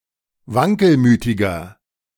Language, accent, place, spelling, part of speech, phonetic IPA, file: German, Germany, Berlin, wankelmütiger, adjective, [ˈvaŋkəlˌmyːtɪɡɐ], De-wankelmütiger.ogg
- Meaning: 1. comparative degree of wankelmütig 2. inflection of wankelmütig: strong/mixed nominative masculine singular 3. inflection of wankelmütig: strong genitive/dative feminine singular